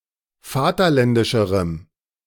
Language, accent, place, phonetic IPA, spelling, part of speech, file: German, Germany, Berlin, [ˈfaːtɐˌlɛndɪʃəʁəm], vaterländischerem, adjective, De-vaterländischerem.ogg
- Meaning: strong dative masculine/neuter singular comparative degree of vaterländisch